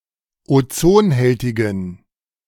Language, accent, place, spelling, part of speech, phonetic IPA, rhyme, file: German, Germany, Berlin, ozonhältigen, adjective, [oˈt͡soːnˌhɛltɪɡn̩], -oːnhɛltɪɡn̩, De-ozonhältigen.ogg
- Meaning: inflection of ozonhältig: 1. strong genitive masculine/neuter singular 2. weak/mixed genitive/dative all-gender singular 3. strong/weak/mixed accusative masculine singular 4. strong dative plural